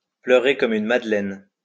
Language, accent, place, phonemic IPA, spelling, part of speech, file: French, France, Lyon, /plœ.ʁe kɔ.m‿yn mad.lɛn/, pleurer comme une madeleine, verb, LL-Q150 (fra)-pleurer comme une madeleine.wav
- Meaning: to bawl, especially exaggeratedly; to cry one's eyes out; to cry like a baby